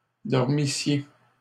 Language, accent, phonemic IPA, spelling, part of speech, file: French, Canada, /dɔʁ.mi.sje/, dormissiez, verb, LL-Q150 (fra)-dormissiez.wav
- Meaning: second-person singular imperfect subjunctive of dormir